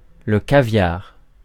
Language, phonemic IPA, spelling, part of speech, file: French, /ka.vjaʁ/, caviar, noun, Fr-caviar.ogg
- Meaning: caviar